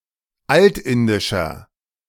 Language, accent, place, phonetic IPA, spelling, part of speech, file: German, Germany, Berlin, [ˈaltˌɪndɪʃɐ], altindischer, adjective, De-altindischer.ogg
- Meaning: inflection of altindisch: 1. strong/mixed nominative masculine singular 2. strong genitive/dative feminine singular 3. strong genitive plural